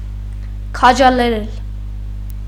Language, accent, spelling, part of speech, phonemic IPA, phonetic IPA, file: Armenian, Eastern Armenian, քաջալերել, verb, /kʰɑd͡ʒɑleˈɾel/, [kʰɑd͡ʒɑleɾél], Hy-քաջալերել.ogg
- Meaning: 1. to encourage, to embolden, to hearten 2. to favor, to approve